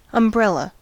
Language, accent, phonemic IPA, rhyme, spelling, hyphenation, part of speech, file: English, US, /ʌmˈbɹɛl.ə/, -ɛlə, umbrella, um‧brel‧la, noun / verb, En-us-umbrella.ogg
- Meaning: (noun) 1. A cloth-covered frame used for protection against rain or sun 2. Anything that provides similar protection